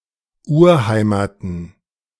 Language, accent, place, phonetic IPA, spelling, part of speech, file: German, Germany, Berlin, [ˈuːɐ̯ˌhaɪ̯maːtn̩], Urheimaten, noun, De-Urheimaten.ogg
- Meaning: plural of Urheimat